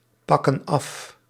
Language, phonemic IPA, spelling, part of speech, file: Dutch, /ˈpɑkə(n) ˈɑf/, pakken af, verb, Nl-pakken af.ogg
- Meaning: inflection of afpakken: 1. plural present indicative 2. plural present subjunctive